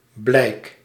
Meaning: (noun) 1. token, expression, demonstration, sign 2. mark 3. evidence, proof, demonstration; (verb) inflection of blijken: first-person singular present indicative
- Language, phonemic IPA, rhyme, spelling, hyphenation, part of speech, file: Dutch, /blɛi̯k/, -ɛi̯k, blijk, blijk, noun / verb, Nl-blijk.ogg